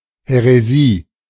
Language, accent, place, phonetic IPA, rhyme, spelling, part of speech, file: German, Germany, Berlin, [hɛʁeˈziː], -iː, Häresie, noun, De-Häresie.ogg
- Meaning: heresy